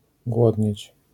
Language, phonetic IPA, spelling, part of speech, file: Polish, [ˈɡwɔdʲɲɛ̇t͡ɕ], głodnieć, verb, LL-Q809 (pol)-głodnieć.wav